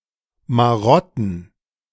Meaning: plural of Marotte
- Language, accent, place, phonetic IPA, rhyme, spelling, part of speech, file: German, Germany, Berlin, [maˈʁɔtn̩], -ɔtn̩, Marotten, noun, De-Marotten.ogg